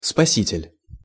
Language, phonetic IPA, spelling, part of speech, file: Russian, [spɐˈsʲitʲɪlʲ], спаситель, noun, Ru-спаситель.ogg
- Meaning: savior (a person who rescues another from harm)